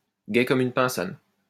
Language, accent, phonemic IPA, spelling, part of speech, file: French, France, /ɡɛ kɔm yn pɛ̃.sɔn/, gaie comme une pinsonne, adjective, LL-Q150 (fra)-gaie comme une pinsonne.wav
- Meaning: feminine singular of gai comme un pinson